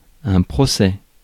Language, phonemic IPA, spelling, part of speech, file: French, /pʁɔ.sɛ/, procès, noun, Fr-procès.ogg
- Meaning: 1. lawsuit 2. trial